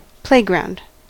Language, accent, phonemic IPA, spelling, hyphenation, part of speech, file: English, US, /ˈpleɪɡɹaʊnd/, playground, play‧ground, noun, En-us-playground.ogg
- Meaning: A large open space for children to play in, usually having dedicated play equipment (such as swings and slides)